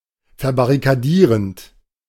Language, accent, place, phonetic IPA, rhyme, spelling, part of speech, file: German, Germany, Berlin, [fɛɐ̯baʁikaˈdiːʁənt], -iːʁənt, verbarrikadierend, verb, De-verbarrikadierend.ogg
- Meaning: present participle of verbarrikadieren